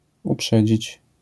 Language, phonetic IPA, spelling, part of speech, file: Polish, [uˈpʃɛd͡ʑit͡ɕ], uprzedzić, verb, LL-Q809 (pol)-uprzedzić.wav